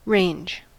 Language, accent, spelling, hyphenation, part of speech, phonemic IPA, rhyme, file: English, US, range, range, noun / verb, /ˈɹeɪnd͡ʒ/, -eɪndʒ, En-us-range.ogg
- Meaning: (noun) 1. A line or series of mountains, buildings, etc 2. A fireplace; a fire or other cooking apparatus; now specifically, a large cooking stove with many burners (hotplates) 3. Selection, array